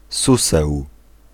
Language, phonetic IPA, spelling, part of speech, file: Polish, [ˈsusɛw], suseł, noun, Pl-suseł.ogg